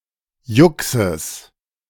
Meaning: genitive singular of Jux
- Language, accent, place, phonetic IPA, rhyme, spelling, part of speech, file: German, Germany, Berlin, [ˈjʊksəs], -ʊksəs, Juxes, noun, De-Juxes.ogg